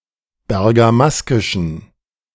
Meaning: inflection of bergamaskisch: 1. strong genitive masculine/neuter singular 2. weak/mixed genitive/dative all-gender singular 3. strong/weak/mixed accusative masculine singular 4. strong dative plural
- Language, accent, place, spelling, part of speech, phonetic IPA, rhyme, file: German, Germany, Berlin, bergamaskischen, adjective, [bɛʁɡaˈmaskɪʃn̩], -askɪʃn̩, De-bergamaskischen.ogg